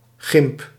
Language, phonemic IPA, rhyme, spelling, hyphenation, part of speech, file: Dutch, /ɣɪmp/, -ɪmp, gymp, gymp, noun, Nl-gymp.ogg
- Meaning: a light athletic shoe, sneaker, runner